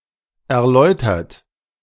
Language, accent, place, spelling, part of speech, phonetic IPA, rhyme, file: German, Germany, Berlin, erläutert, verb, [ɛɐ̯ˈlɔɪ̯tɐt], -ɔɪ̯tɐt, De-erläutert.ogg
- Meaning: 1. past participle of erläutern 2. inflection of erläutern: third-person singular present 3. inflection of erläutern: second-person plural present 4. inflection of erläutern: plural imperative